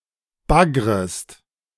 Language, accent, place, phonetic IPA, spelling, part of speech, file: German, Germany, Berlin, [ˈbaɡʁəst], baggrest, verb, De-baggrest.ogg
- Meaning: second-person singular subjunctive I of baggern